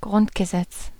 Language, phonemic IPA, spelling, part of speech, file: German, /ˈɡʁʊntɡəˌzɛts/, Grundgesetz, noun, De-Grundgesetz.ogg
- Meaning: constitution (formal or informal system of primary principles and laws regulating a government or other institutions)